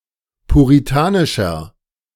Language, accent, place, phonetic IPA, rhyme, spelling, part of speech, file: German, Germany, Berlin, [puʁiˈtaːnɪʃɐ], -aːnɪʃɐ, puritanischer, adjective, De-puritanischer.ogg
- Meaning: 1. comparative degree of puritanisch 2. inflection of puritanisch: strong/mixed nominative masculine singular 3. inflection of puritanisch: strong genitive/dative feminine singular